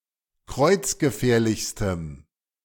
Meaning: strong dative masculine/neuter singular superlative degree of kreuzgefährlich
- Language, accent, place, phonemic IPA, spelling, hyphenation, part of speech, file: German, Germany, Berlin, /ˈkʁɔɪ̯t͡s̯ɡəˌfɛːɐ̯lɪçstəm/, kreuzgefährlichstem, kreuz‧ge‧fähr‧lichs‧tem, adjective, De-kreuzgefährlichstem.ogg